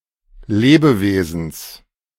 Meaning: genitive singular of Lebewesen
- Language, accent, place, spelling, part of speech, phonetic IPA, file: German, Germany, Berlin, Lebewesens, noun, [ˈleːbəˌveːzn̩s], De-Lebewesens.ogg